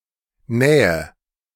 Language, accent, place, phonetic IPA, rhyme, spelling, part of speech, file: German, Germany, Berlin, [ˈnɛːə], -ɛːə, nähe, verb, De-nähe.ogg
- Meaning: inflection of nähen: 1. first-person singular present 2. first/third-person singular subjunctive I 3. singular imperative